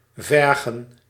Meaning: 1. to demand, utter/pose a requirement 2. to require, necessitate 3. to ask, inquire 4. to offer, grant 5. to taunt, bother 6. to seek, search
- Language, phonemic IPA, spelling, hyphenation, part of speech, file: Dutch, /ˈvɛr.ɣə(n)/, vergen, ver‧gen, verb, Nl-vergen.ogg